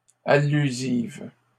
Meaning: feminine singular of allusif
- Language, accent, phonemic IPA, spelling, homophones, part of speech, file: French, Canada, /a.ly.ziv/, allusive, allusives, adjective, LL-Q150 (fra)-allusive.wav